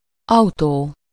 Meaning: auto, automobile, car
- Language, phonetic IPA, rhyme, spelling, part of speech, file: Hungarian, [ˈɒu̯toː], -toː, autó, noun, Hu-autó.ogg